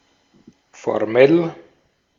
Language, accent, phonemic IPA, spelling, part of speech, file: German, Austria, /foʁˈmɛl/, formell, adjective, De-at-formell.ogg
- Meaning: formal (official)